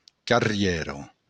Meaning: street
- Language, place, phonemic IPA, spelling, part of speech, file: Occitan, Béarn, /karˈrjɛ.ɾo/, carrièra, noun, LL-Q14185 (oci)-carrièra.wav